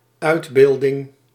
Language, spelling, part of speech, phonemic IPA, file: Dutch, uitbeelding, noun, /ˈœy̯tˌbeːldɪŋ/, Nl-uitbeelding.ogg
- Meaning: portrayal